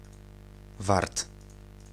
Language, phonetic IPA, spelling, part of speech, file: Polish, [vart], wart, adjective / noun, Pl-wart.ogg